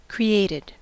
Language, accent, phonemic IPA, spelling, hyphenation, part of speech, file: English, General American, /kɹiˈeɪ̯t.ɪd/, created, cre‧at‧ed, adjective / verb, En-us-created.ogg
- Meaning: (adjective) Brought into existence by making; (verb) simple past and past participle of create